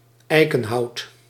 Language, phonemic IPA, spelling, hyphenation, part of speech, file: Dutch, /ˈɛi̯.kə(n)ˌɦɑu̯t/, eikenhout, ei‧ken‧hout, noun, Nl-eikenhout.ogg
- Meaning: oak wood